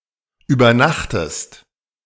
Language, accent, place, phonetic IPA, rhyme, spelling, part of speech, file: German, Germany, Berlin, [yːbɐˈnaxtəst], -axtəst, übernachtest, verb, De-übernachtest.ogg
- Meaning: inflection of übernachten: 1. second-person singular present 2. second-person singular subjunctive I